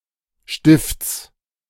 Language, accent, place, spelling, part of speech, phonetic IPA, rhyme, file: German, Germany, Berlin, Stifts, noun, [ʃtɪft͡s], -ɪft͡s, De-Stifts.ogg
- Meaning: genitive singular of Stift